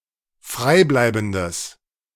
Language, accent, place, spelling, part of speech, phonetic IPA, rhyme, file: German, Germany, Berlin, freibleibendes, adjective, [ˈfʁaɪ̯ˌblaɪ̯bn̩dəs], -aɪ̯blaɪ̯bn̩dəs, De-freibleibendes.ogg
- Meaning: strong/mixed nominative/accusative neuter singular of freibleibend